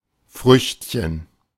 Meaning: 1. diminutive of Frucht 2. mischievous child, rascal
- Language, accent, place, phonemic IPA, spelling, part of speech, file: German, Germany, Berlin, /ˈfʁʏçtçən/, Früchtchen, noun, De-Früchtchen.ogg